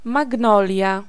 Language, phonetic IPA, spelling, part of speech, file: Polish, [maɡˈnɔlʲja], magnolia, noun, Pl-magnolia.ogg